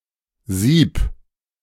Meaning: sieve; sifter; strainer; colander; riddle (any device with holes used to separate solids from liquids or fine matter from coarse matter)
- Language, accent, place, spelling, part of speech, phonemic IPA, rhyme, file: German, Germany, Berlin, Sieb, noun, /ziːp/, -iːp, De-Sieb.ogg